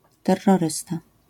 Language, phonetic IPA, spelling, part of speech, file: Polish, [ˌtɛrːɔˈrɨsta], terrorysta, noun, LL-Q809 (pol)-terrorysta.wav